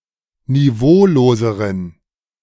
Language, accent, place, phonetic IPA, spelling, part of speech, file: German, Germany, Berlin, [niˈvoːloːzəʁən], niveauloseren, adjective, De-niveauloseren.ogg
- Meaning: inflection of niveaulos: 1. strong genitive masculine/neuter singular comparative degree 2. weak/mixed genitive/dative all-gender singular comparative degree